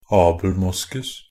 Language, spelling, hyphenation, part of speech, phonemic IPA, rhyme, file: Norwegian Bokmål, abelmoskus, ab‧el‧mos‧kus, noun, /ɑːbl̩ˈmʊskʉs/, -ʉs, NB - Pronunciation of Norwegian Bokmål «abelmoskus».ogg
- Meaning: abelmosk (the tropical evergreen shrub Abelmoschus moschatus)